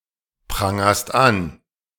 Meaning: second-person singular present of anprangern
- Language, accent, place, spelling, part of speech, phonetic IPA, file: German, Germany, Berlin, prangerst an, verb, [ˌpʁaŋɐst ˈan], De-prangerst an.ogg